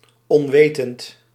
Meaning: unaware, ignorant, unknowing nescient
- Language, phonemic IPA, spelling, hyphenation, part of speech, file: Dutch, /ˌɔnˈʋeː.tənt/, onwetend, on‧wet‧end, adjective, Nl-onwetend.ogg